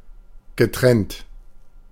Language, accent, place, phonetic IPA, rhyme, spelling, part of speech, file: German, Germany, Berlin, [ɡəˈtʁɛnt], -ɛnt, getrennt, verb, De-getrennt.ogg
- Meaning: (verb) past participle of trennen; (adjective) 1. separate, apart 2. split; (adverb) separately